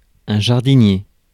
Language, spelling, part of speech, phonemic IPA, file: French, jardinier, noun, /ʒaʁ.di.nje/, Fr-jardinier.ogg
- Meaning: gardener